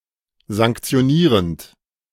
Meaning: present participle of sanktionieren
- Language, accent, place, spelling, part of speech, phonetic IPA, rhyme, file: German, Germany, Berlin, sanktionierend, verb, [zaŋkt͡si̯oˈniːʁənt], -iːʁənt, De-sanktionierend.ogg